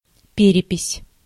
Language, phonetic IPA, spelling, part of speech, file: Russian, [ˈpʲerʲɪpʲɪsʲ], перепись, noun, Ru-перепись.ogg
- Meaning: 1. census 2. inventory